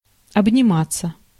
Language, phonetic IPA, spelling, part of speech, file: Russian, [ɐbnʲɪˈmat͡sːə], обниматься, verb, Ru-обниматься.ogg
- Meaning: 1. to hug, to embrace one another 2. passive of обнима́ть (obnimátʹ)